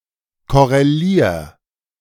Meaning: 1. singular imperative of korrelieren 2. first-person singular present of korrelieren
- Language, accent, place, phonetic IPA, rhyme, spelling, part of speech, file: German, Germany, Berlin, [ˌkɔʁeˈliːɐ̯], -iːɐ̯, korrelier, verb, De-korrelier.ogg